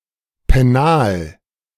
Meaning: 1. pencil case 2. secondary school
- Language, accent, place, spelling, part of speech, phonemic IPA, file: German, Germany, Berlin, Pennal, noun, /pɛˈnaːl/, De-Pennal.ogg